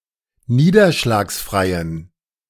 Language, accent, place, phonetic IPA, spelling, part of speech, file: German, Germany, Berlin, [ˈniːdɐʃlaːksˌfʁaɪ̯ən], niederschlagsfreien, adjective, De-niederschlagsfreien.ogg
- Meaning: inflection of niederschlagsfrei: 1. strong genitive masculine/neuter singular 2. weak/mixed genitive/dative all-gender singular 3. strong/weak/mixed accusative masculine singular